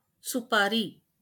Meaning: 1. supari, betel nut 2. advance payment to kill someone
- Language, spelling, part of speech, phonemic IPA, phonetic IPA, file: Marathi, सुपारी, noun, /su.pa.ɾi/, [su.pa.ɾiː], LL-Q1571 (mar)-सुपारी.wav